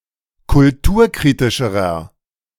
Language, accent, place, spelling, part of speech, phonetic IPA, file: German, Germany, Berlin, kulturkritischerer, adjective, [kʊlˈtuːɐ̯ˌkʁiːtɪʃəʁɐ], De-kulturkritischerer.ogg
- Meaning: inflection of kulturkritisch: 1. strong/mixed nominative masculine singular comparative degree 2. strong genitive/dative feminine singular comparative degree